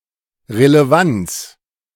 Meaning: relevance
- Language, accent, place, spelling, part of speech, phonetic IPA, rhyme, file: German, Germany, Berlin, Relevanz, noun, [ʁeleˈvant͡s], -ant͡s, De-Relevanz.ogg